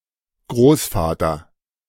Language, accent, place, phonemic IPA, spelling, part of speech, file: German, Germany, Berlin, /ˈɡʁoːsfatɐ/, Großvater, noun, De-Großvater.ogg
- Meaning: grandfather